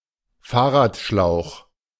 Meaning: bicycle tube (flexible inner tube inside a bicycle tyre)
- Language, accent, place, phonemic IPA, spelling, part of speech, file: German, Germany, Berlin, /ˈfaːɐ̯.ʁa(ː)tˌʃlaʊ̯x/, Fahrradschlauch, noun, De-Fahrradschlauch.ogg